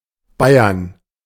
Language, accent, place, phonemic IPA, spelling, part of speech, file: German, Germany, Berlin, /ˈbaɪ̯ɐn/, Bayern, proper noun / noun, De-Bayern.ogg
- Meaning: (proper noun) Bavaria (a historic region, former duchy, former kingdom, and modern state of Germany; the modern state includes parts of historical Swabia and Franconia as well as historical Bavaria)